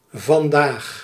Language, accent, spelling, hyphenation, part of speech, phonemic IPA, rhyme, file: Dutch, Netherlands, vandaag, van‧daag, adverb, /vɑnˈdaːx/, -aːx, Nl-vandaag.ogg
- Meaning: today